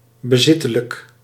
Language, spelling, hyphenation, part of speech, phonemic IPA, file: Dutch, bezittelijk, be‧zit‧te‧lijk, adjective, /bəˈzɪ.tə.lək/, Nl-bezittelijk.ogg
- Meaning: possessive